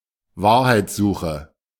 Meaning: search for truth
- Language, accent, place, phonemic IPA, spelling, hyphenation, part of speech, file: German, Germany, Berlin, /ˈvaːɐ̯haɪ̯t͡sˌzuːxə/, Wahrheitssuche, Wahr‧heits‧su‧che, noun, De-Wahrheitssuche.ogg